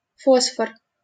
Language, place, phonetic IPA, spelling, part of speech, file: Russian, Saint Petersburg, [ˈfosfər], фосфор, noun, LL-Q7737 (rus)-фосфор.wav
- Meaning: phosphorus